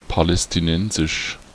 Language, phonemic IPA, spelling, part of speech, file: German, /palɛstiˈnɛnzɪʃ/, palästinensisch, adjective, De-palästinensisch.ogg
- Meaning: Palestinian